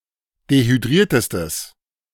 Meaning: strong/mixed nominative/accusative neuter singular superlative degree of dehydriert
- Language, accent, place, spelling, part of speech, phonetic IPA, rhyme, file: German, Germany, Berlin, dehydriertestes, adjective, [dehyˈdʁiːɐ̯təstəs], -iːɐ̯təstəs, De-dehydriertestes.ogg